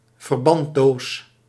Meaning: a first-aid box
- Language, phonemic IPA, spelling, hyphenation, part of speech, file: Dutch, /vərˈbɑn(t)ˌdoːs/, verbanddoos, ver‧band‧doos, noun, Nl-verbanddoos.ogg